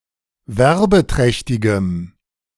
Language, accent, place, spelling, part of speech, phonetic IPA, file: German, Germany, Berlin, werbeträchtigem, adjective, [ˈvɛʁbəˌtʁɛçtɪɡəm], De-werbeträchtigem.ogg
- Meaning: strong dative masculine/neuter singular of werbeträchtig